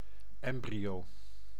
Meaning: embryo
- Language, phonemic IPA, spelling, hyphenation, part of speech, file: Dutch, /ˈɛm.bri.oː/, embryo, em‧bryo, noun, Nl-embryo.ogg